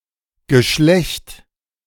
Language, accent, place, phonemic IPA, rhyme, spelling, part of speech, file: German, Germany, Berlin, /ɡəˈʃlɛçt/, -ɛçt, Geschlecht, noun, De-Geschlecht.ogg
- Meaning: 1. sex 2. gender 3. sex organ 4. genus, type, race 5. lineage, generation, family 6. dynasty, house